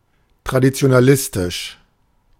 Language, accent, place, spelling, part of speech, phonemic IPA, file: German, Germany, Berlin, traditionalistisch, adjective, /tʁadit͡si̯onaˈlɪstɪʃ/, De-traditionalistisch.ogg
- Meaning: traditionalistic